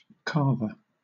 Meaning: 1. Someone who carves; an artist who produces carvings 2. A carving knife 3. A butcher 4. An armchair as part of a set of dining chairs (originally for the person who is to carve the meat)
- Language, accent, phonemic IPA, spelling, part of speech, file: English, Southern England, /ˈkɑːvə/, carver, noun, LL-Q1860 (eng)-carver.wav